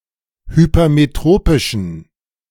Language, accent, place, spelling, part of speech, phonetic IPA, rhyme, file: German, Germany, Berlin, hypermetropischen, adjective, [hypɐmeˈtʁoːpɪʃn̩], -oːpɪʃn̩, De-hypermetropischen.ogg
- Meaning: inflection of hypermetropisch: 1. strong genitive masculine/neuter singular 2. weak/mixed genitive/dative all-gender singular 3. strong/weak/mixed accusative masculine singular 4. strong dative plural